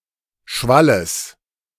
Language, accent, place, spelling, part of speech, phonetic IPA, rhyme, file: German, Germany, Berlin, Schwalles, noun, [ˈʃvaləs], -aləs, De-Schwalles.ogg
- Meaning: genitive of Schwall